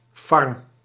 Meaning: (noun) 1. A player-made mechanism that generates a desired item 2. A place where the growing of crops takes place; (verb) inflection of farmen: first-person singular present indicative
- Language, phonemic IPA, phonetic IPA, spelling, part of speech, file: Dutch, /fɑr(ə)m/, [ˈfɑːm], farm, noun / verb, Nl-farm.ogg